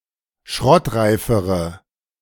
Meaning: inflection of schrottreif: 1. strong/mixed nominative/accusative feminine singular comparative degree 2. strong nominative/accusative plural comparative degree
- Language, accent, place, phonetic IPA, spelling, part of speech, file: German, Germany, Berlin, [ˈʃʁɔtˌʁaɪ̯fəʁə], schrottreifere, adjective, De-schrottreifere.ogg